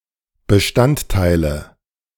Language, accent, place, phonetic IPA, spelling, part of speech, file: German, Germany, Berlin, [bəˈʃtantˌtaɪ̯lə], Bestandteile, noun, De-Bestandteile.ogg
- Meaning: nominative/accusative/genitive plural of Bestandteil